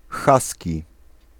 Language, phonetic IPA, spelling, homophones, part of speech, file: Polish, [ˈxasʲci], haski, husky, adjective, Pl-haski.ogg